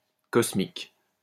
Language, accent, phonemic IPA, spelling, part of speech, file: French, France, /kɔs.mik/, cosmique, adjective, LL-Q150 (fra)-cosmique.wav
- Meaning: cosmos, universe; cosmic